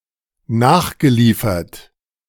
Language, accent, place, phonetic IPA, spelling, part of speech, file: German, Germany, Berlin, [ˈnaːxɡəˌliːfɐt], nachgeliefert, verb, De-nachgeliefert.ogg
- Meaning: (verb) past participle of nachliefern; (adjective) resupplied